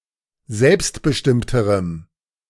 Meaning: strong dative masculine/neuter singular comparative degree of selbstbestimmt
- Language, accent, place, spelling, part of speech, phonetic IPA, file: German, Germany, Berlin, selbstbestimmterem, adjective, [ˈzɛlpstbəˌʃtɪmtəʁəm], De-selbstbestimmterem.ogg